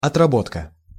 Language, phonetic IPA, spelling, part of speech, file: Russian, [ɐtrɐˈbotkə], отработка, noun, Ru-отработка.ogg
- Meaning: 1. working off, paying by work 2. development, fine-tuning 3. training, practicing